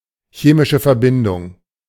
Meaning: chemical compound
- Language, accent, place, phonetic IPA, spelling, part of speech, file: German, Germany, Berlin, [ˈçeːmɪʃə fɛɐ̯ˌbɪndʊŋ], chemische Verbindung, phrase, De-chemische Verbindung.ogg